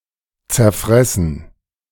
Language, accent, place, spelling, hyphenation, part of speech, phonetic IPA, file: German, Germany, Berlin, zerfressen, zer‧fres‧sen, verb, [t͡sɛɐ̯ˈfʁɛsn̩], De-zerfressen.ogg
- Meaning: to eat away, devour